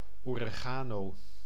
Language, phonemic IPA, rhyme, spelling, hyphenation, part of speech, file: Dutch, /ˌoː.reːˈɣaː.noː/, -aːnoː, oregano, ore‧ga‧no, noun, Nl-oregano.ogg
- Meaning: 1. synonym of wilde marjolein (“oregano plant, Origanum vulgare”) 2. oregano: the leaves of Origanum vulgare used as food